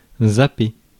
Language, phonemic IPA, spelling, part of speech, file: French, /za.pe/, zapper, verb, Fr-zapper.ogg
- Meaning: 1. to channel-hop, channel surf 2. to dither, change one's opinion rapidly, vacillate 3. to skip over 4. to forget